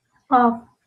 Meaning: 1. water 2. stream, river
- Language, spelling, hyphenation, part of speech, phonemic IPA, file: Northern Kurdish, av, av, noun, /ɑːv/, LL-Q36368 (kur)-av.wav